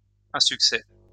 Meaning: failure
- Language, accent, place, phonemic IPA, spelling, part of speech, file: French, France, Lyon, /ɛ̃.syk.sɛ/, insuccès, noun, LL-Q150 (fra)-insuccès.wav